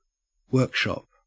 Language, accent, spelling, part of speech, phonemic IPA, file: English, Australia, workshop, noun / verb, /ˈwɜːk.ʃɔp/, En-au-workshop.ogg
- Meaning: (noun) A room, especially one which is not particularly large, used for manufacturing or other light industrial work